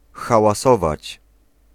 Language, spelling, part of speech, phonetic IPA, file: Polish, hałasować, verb, [ˌxawaˈsɔvat͡ɕ], Pl-hałasować.ogg